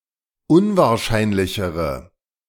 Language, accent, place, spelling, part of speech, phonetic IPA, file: German, Germany, Berlin, unwahrscheinlichere, adjective, [ˈʊnvaːɐ̯ˌʃaɪ̯nlɪçəʁə], De-unwahrscheinlichere.ogg
- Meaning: inflection of unwahrscheinlich: 1. strong/mixed nominative/accusative feminine singular comparative degree 2. strong nominative/accusative plural comparative degree